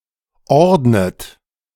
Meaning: inflection of ordnen: 1. third-person singular present 2. second-person plural present 3. plural imperative 4. second-person plural subjunctive I
- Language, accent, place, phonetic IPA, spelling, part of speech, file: German, Germany, Berlin, [ˈɔʁdnət], ordnet, verb, De-ordnet.ogg